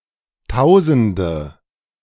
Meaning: nominative/accusative/genitive plural of Tausend (“thousands; a lot”)
- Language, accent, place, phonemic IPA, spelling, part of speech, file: German, Germany, Berlin, /ˈtaʊ̯zəndə/, Tausende, noun, De-Tausende.ogg